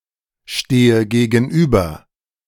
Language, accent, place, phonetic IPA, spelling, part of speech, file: German, Germany, Berlin, [ˌʃteːə ɡeːɡn̩ˈʔyːbɐ], stehe gegenüber, verb, De-stehe gegenüber.ogg
- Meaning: inflection of gegenüberstehen: 1. first-person singular present 2. first/third-person singular subjunctive I 3. singular imperative